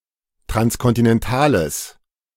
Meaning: strong/mixed nominative/accusative neuter singular of transkontinental
- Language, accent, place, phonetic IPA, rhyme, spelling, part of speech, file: German, Germany, Berlin, [tʁanskɔntɪnɛnˈtaːləs], -aːləs, transkontinentales, adjective, De-transkontinentales.ogg